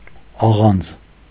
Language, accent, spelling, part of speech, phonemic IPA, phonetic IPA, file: Armenian, Eastern Armenian, աղանձ, noun, /ɑˈʁɑnd͡z/, [ɑʁɑ́nd͡z], Hy-աղանձ.ogg
- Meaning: roasted wheat and other cereals